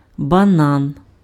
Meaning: banana (tree or fruit)
- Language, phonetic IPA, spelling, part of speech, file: Ukrainian, [bɐˈnan], банан, noun, Uk-банан.ogg